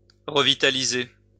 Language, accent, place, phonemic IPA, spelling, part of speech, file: French, France, Lyon, /ʁə.vi.ta.li.ze/, revitaliser, verb, LL-Q150 (fra)-revitaliser.wav
- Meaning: to revitalize